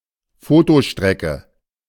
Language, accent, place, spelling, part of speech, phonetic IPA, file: German, Germany, Berlin, Fotostrecke, noun, [ˈfoːtoˌʃtʁɛkə], De-Fotostrecke.ogg
- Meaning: photo series